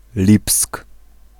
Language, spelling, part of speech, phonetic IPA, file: Polish, Lipsk, proper noun, [lʲipsk], Pl-Lipsk.ogg